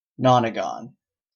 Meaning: A polygon with nine sides and nine angles
- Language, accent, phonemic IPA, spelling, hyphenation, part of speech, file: English, Canada, /ˈnɑn.ə.ɡɑn/, nonagon, non‧a‧gon, noun, En-ca-nonagon.oga